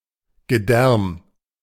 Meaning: the whole of an organism's intestines, guts, insides
- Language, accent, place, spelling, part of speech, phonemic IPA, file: German, Germany, Berlin, Gedärm, noun, /ɡəˈdɛrm/, De-Gedärm.ogg